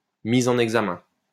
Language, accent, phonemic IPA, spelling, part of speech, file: French, France, /mi.z‿ɑ̃.n‿ɛɡ.za.mɛ̃/, mise en examen, noun, LL-Q150 (fra)-mise en examen.wav
- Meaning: indictment